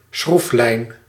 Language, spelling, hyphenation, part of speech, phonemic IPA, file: Dutch, schroeflijn, schroef‧lijn, noun, /ˈsxruf.lɛi̯n/, Nl-schroeflijn.ogg
- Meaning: helix